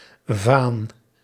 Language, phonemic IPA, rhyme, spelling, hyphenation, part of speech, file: Dutch, /vaːn/, -aːn, vaan, vaan, noun, Nl-vaan.ogg
- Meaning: 1. vane, small flag (often pointed or pronged) 2. banner, battle standard 3. weathervane 4. a measure of volume for beer and other drinks, equivalent to about 5 litres